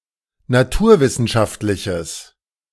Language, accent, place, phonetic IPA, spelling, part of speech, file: German, Germany, Berlin, [naˈtuːɐ̯ˌvɪsn̩ʃaftlɪçəs], naturwissenschaftliches, adjective, De-naturwissenschaftliches.ogg
- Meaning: strong/mixed nominative/accusative neuter singular of naturwissenschaftlich